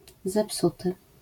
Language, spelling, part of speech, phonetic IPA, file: Polish, zepsuty, verb / adjective, [zɛˈpsutɨ], LL-Q809 (pol)-zepsuty.wav